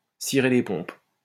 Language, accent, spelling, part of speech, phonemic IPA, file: French, France, cirer les pompes, verb, /si.ʁe le pɔ̃p/, LL-Q150 (fra)-cirer les pompes.wav
- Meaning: to suck up, to flatter